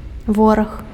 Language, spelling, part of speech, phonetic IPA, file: Belarusian, вораг, noun, [ˈvorax], Be-вораг.ogg
- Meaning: enemy, foe